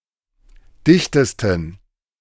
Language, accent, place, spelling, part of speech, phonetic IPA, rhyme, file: German, Germany, Berlin, dichtesten, adjective, [ˈdɪçtəstn̩], -ɪçtəstn̩, De-dichtesten.ogg
- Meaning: 1. superlative degree of dicht 2. inflection of dicht: strong genitive masculine/neuter singular superlative degree